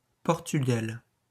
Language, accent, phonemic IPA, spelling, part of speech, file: French, France, /pɔʁ.ty.ɡal/, Portugal, proper noun, LL-Q150 (fra)-Portugal.wav
- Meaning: Portugal (a country in Southern Europe, on the Iberian Peninsula)